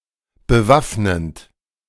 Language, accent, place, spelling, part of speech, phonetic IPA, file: German, Germany, Berlin, bewaffnend, verb, [bəˈvafnənt], De-bewaffnend.ogg
- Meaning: present participle of bewaffnen